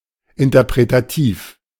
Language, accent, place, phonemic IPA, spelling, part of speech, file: German, Germany, Berlin, /ɪntɐpʁetaˈtiːf/, interpretativ, adjective, De-interpretativ.ogg
- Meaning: interpretative